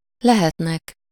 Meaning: third-person plural indicative present indefinite of lehet
- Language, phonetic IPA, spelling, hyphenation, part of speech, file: Hungarian, [ˈlɛhɛtnɛk], lehetnek, le‧het‧nek, verb, Hu-lehetnek.ogg